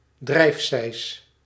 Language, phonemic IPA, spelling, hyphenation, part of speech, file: Dutch, /ˈdrɛi̯f.sɛi̯s/, drijfsijs, drijf‧sijs, noun, Nl-drijfsijs.ogg
- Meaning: duck